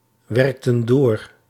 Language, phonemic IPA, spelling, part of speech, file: Dutch, /ˈwɛrᵊktə(n) ˈdor/, werkten door, verb, Nl-werkten door.ogg
- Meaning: inflection of doorwerken: 1. plural past indicative 2. plural past subjunctive